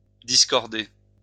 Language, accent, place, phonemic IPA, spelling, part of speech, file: French, France, Lyon, /dis.kɔʁ.de/, discorder, verb, LL-Q150 (fra)-discorder.wav
- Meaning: to discord